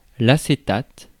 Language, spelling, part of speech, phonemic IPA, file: French, acétate, noun, /a.se.tat/, Fr-acétate.ogg
- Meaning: 1. acetate (salt or ester of acetic acid) 2. acetate (transparent sheet)